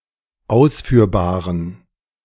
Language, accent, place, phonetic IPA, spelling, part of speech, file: German, Germany, Berlin, [ˈaʊ̯sfyːɐ̯baːʁən], ausführbaren, adjective, De-ausführbaren.ogg
- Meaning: inflection of ausführbar: 1. strong genitive masculine/neuter singular 2. weak/mixed genitive/dative all-gender singular 3. strong/weak/mixed accusative masculine singular 4. strong dative plural